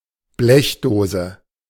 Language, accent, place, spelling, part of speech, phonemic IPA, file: German, Germany, Berlin, Blechdose, noun, /ˈblɛçˌdoːzə/, De-Blechdose.ogg
- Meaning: tin (container)